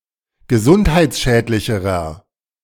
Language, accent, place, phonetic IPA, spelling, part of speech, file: German, Germany, Berlin, [ɡəˈzʊnthaɪ̯t͡sˌʃɛːtlɪçəʁɐ], gesundheitsschädlicherer, adjective, De-gesundheitsschädlicherer.ogg
- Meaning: inflection of gesundheitsschädlich: 1. strong/mixed nominative masculine singular comparative degree 2. strong genitive/dative feminine singular comparative degree